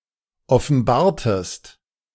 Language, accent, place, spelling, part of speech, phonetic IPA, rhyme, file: German, Germany, Berlin, offenbartest, verb, [ɔfn̩ˈbaːɐ̯təst], -aːɐ̯təst, De-offenbartest.ogg
- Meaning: inflection of offenbaren: 1. second-person singular preterite 2. second-person singular subjunctive II